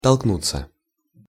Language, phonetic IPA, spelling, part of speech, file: Russian, [tɐɫkˈnut͡sːə], толкнуться, verb, Ru-толкнуться.ogg
- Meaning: 1. to push one another, to jostle 2. to knock at/on someone's door, to attempt to see someone 3. passive of толкну́ть (tolknútʹ)